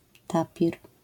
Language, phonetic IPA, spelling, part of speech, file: Polish, [ˈtapʲir], tapir, noun, LL-Q809 (pol)-tapir.wav